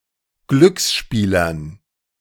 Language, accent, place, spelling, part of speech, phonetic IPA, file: German, Germany, Berlin, Glücksspielern, noun, [ˈɡlʏksˌʃpiːlɐn], De-Glücksspielern.ogg
- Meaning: dative plural of Glücksspieler